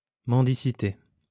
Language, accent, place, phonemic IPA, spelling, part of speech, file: French, France, Lyon, /mɑ̃.di.si.te/, mendicité, noun, LL-Q150 (fra)-mendicité.wav
- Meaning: begging, panhandling